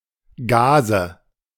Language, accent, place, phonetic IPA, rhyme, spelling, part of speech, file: German, Germany, Berlin, [ˈɡaːzə], -aːzə, Gase, noun, De-Gase.ogg
- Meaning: nominative/accusative/genitive plural of Gas